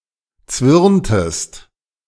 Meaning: inflection of zwirnen: 1. second-person singular preterite 2. second-person singular subjunctive II
- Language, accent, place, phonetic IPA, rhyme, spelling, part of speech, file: German, Germany, Berlin, [ˈt͡svɪʁntəst], -ɪʁntəst, zwirntest, verb, De-zwirntest.ogg